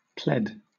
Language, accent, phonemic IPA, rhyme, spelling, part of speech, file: English, Southern England, /plɛd/, -ɛd, pled, verb, LL-Q1860 (eng)-pled.wav
- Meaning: simple past and past participle of plead